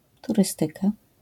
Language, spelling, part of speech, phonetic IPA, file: Polish, turystyka, noun, [tuˈrɨstɨka], LL-Q809 (pol)-turystyka.wav